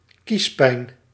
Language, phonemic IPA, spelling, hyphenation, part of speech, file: Dutch, /ˈkisˌpɛi̯n/, kiespijn, kies‧pijn, noun, Nl-kiespijn.ogg
- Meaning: toothache (in a molar)